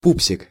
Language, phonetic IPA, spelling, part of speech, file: Russian, [ˈpupsʲɪk], пупсик, noun, Ru-пупсик.ogg
- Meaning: 1. diminutive of пупс (pups) doll (baby doll) 2. sweetie, cutie, cutie pie